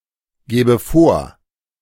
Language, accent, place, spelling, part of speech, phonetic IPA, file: German, Germany, Berlin, gebe vor, verb, [ˌɡeːbə ˈfoːɐ̯], De-gebe vor.ogg
- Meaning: inflection of vorgeben: 1. first-person singular present 2. first/third-person singular subjunctive I